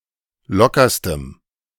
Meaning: strong dative masculine/neuter singular superlative degree of locker
- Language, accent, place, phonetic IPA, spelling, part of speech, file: German, Germany, Berlin, [ˈlɔkɐstəm], lockerstem, adjective, De-lockerstem.ogg